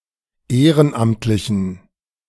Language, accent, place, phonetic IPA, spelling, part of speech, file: German, Germany, Berlin, [ˈeːʁənˌʔamtlɪçn̩], ehrenamtlichen, adjective, De-ehrenamtlichen.ogg
- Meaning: inflection of ehrenamtlich: 1. strong genitive masculine/neuter singular 2. weak/mixed genitive/dative all-gender singular 3. strong/weak/mixed accusative masculine singular 4. strong dative plural